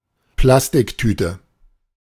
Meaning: plastic bag
- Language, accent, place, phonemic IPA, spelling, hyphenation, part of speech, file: German, Germany, Berlin, /ˈplastɪkˌtyːtə/, Plastiktüte, Plas‧tik‧tü‧te, noun, De-Plastiktüte.ogg